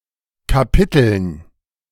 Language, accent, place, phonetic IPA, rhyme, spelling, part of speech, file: German, Germany, Berlin, [kaˈpɪtl̩n], -ɪtl̩n, Kapiteln, noun, De-Kapiteln.ogg
- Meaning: dative plural of Kapitel